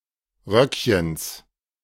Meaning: genitive singular of Röckchen
- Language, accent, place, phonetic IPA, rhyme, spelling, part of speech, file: German, Germany, Berlin, [ˈʁœkçəns], -œkçəns, Röckchens, noun, De-Röckchens.ogg